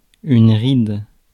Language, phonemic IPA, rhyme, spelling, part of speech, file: French, /ʁid/, -id, ride, noun / verb, Fr-ride.ogg
- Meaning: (noun) 1. wrinkle, line (on face etc.) 2. ripple 3. ridge; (verb) inflection of rider: 1. first/third-person singular present indicative/subjunctive 2. second-person singular imperative